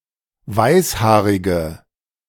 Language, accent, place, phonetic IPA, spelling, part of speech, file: German, Germany, Berlin, [ˈvaɪ̯sˌhaːʁɪɡə], weißhaarige, adjective, De-weißhaarige.ogg
- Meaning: inflection of weißhaarig: 1. strong/mixed nominative/accusative feminine singular 2. strong nominative/accusative plural 3. weak nominative all-gender singular